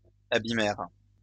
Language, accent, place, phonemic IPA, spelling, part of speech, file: French, France, Lyon, /a.bi.mɛʁ/, abîmèrent, verb, LL-Q150 (fra)-abîmèrent.wav
- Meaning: third-person plural past historic of abîmer